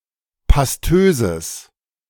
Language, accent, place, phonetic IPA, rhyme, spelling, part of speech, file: German, Germany, Berlin, [pasˈtøːzəs], -øːzəs, pastöses, adjective, De-pastöses.ogg
- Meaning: strong/mixed nominative/accusative neuter singular of pastös